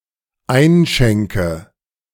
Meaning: inflection of einschenken: 1. first-person singular dependent present 2. first/third-person singular dependent subjunctive I
- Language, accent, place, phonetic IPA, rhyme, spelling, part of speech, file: German, Germany, Berlin, [ˈaɪ̯nˌʃɛŋkə], -aɪ̯nʃɛŋkə, einschenke, verb, De-einschenke.ogg